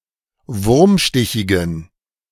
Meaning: inflection of wurmstichig: 1. strong genitive masculine/neuter singular 2. weak/mixed genitive/dative all-gender singular 3. strong/weak/mixed accusative masculine singular 4. strong dative plural
- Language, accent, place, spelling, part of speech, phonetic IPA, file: German, Germany, Berlin, wurmstichigen, adjective, [ˈvʊʁmˌʃtɪçɪɡn̩], De-wurmstichigen.ogg